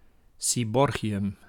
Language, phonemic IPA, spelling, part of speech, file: Dutch, /siˈbɔrɣiˌjʏm/, seaborgium, noun, Nl-seaborgium.ogg
- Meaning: seaborgium